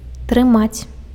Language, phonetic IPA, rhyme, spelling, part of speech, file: Belarusian, [trɨˈmat͡sʲ], -at͡sʲ, трымаць, verb, Be-трымаць.ogg
- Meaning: 1. to hold, to hold on (to) 2. to keep